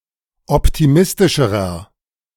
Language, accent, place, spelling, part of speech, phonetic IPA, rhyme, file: German, Germany, Berlin, optimistischerer, adjective, [ˌɔptiˈmɪstɪʃəʁɐ], -ɪstɪʃəʁɐ, De-optimistischerer.ogg
- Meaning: inflection of optimistisch: 1. strong/mixed nominative masculine singular comparative degree 2. strong genitive/dative feminine singular comparative degree 3. strong genitive plural comparative degree